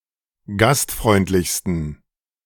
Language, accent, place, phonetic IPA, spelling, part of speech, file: German, Germany, Berlin, [ˈɡastˌfʁɔɪ̯ntlɪçstn̩], gastfreundlichsten, adjective, De-gastfreundlichsten.ogg
- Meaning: 1. superlative degree of gastfreundlich 2. inflection of gastfreundlich: strong genitive masculine/neuter singular superlative degree